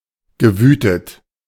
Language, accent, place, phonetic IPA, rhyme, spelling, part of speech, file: German, Germany, Berlin, [ɡəˈvyːtət], -yːtət, gewütet, verb, De-gewütet.ogg
- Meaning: past participle of wüten